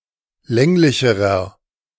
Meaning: inflection of länglich: 1. strong/mixed nominative masculine singular comparative degree 2. strong genitive/dative feminine singular comparative degree 3. strong genitive plural comparative degree
- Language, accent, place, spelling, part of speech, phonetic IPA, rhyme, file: German, Germany, Berlin, länglicherer, adjective, [ˈlɛŋlɪçəʁɐ], -ɛŋlɪçəʁɐ, De-länglicherer.ogg